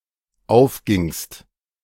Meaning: second-person singular dependent preterite of aufgehen
- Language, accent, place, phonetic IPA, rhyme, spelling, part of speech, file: German, Germany, Berlin, [ˈaʊ̯fˌɡɪŋst], -aʊ̯fɡɪŋst, aufgingst, verb, De-aufgingst.ogg